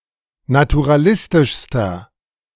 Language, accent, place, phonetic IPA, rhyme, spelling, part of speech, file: German, Germany, Berlin, [natuʁaˈlɪstɪʃstɐ], -ɪstɪʃstɐ, naturalistischster, adjective, De-naturalistischster.ogg
- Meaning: inflection of naturalistisch: 1. strong/mixed nominative masculine singular superlative degree 2. strong genitive/dative feminine singular superlative degree